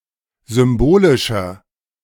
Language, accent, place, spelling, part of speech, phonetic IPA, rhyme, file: German, Germany, Berlin, symbolischer, adjective, [ˌzʏmˈboːlɪʃɐ], -oːlɪʃɐ, De-symbolischer.ogg
- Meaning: inflection of symbolisch: 1. strong/mixed nominative masculine singular 2. strong genitive/dative feminine singular 3. strong genitive plural